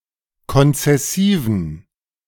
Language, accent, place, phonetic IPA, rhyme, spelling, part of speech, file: German, Germany, Berlin, [kɔnt͡sɛˈsiːvn̩], -iːvn̩, konzessiven, adjective, De-konzessiven.ogg
- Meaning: inflection of konzessiv: 1. strong genitive masculine/neuter singular 2. weak/mixed genitive/dative all-gender singular 3. strong/weak/mixed accusative masculine singular 4. strong dative plural